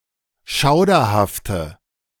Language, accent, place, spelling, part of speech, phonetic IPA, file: German, Germany, Berlin, schauderhafte, adjective, [ˈʃaʊ̯dɐhaftə], De-schauderhafte.ogg
- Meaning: inflection of schauderhaft: 1. strong/mixed nominative/accusative feminine singular 2. strong nominative/accusative plural 3. weak nominative all-gender singular